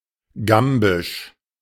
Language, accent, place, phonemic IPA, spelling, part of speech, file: German, Germany, Berlin, /ˈɡambɪʃ/, gambisch, adjective, De-gambisch.ogg
- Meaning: of Gambia; Gambian